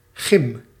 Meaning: 1. clipping of gymnasium 2. clipping of gymnastiek
- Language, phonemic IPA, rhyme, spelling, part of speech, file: Dutch, /ɣɪm/, -ɪm, gym, noun, Nl-gym.ogg